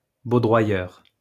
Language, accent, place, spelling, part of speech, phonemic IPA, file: French, France, Lyon, baudroyeur, noun, /bo.dʁwa.jœʁ/, LL-Q150 (fra)-baudroyeur.wav
- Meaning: currier